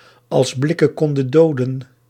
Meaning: if looks could kill
- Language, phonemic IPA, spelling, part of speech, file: Dutch, /ɑls ˈblɪ.kə(n)ˌkɔn.də(n)ˈdoː.də(n)/, als blikken konden doden, phrase, Nl-als blikken konden doden.ogg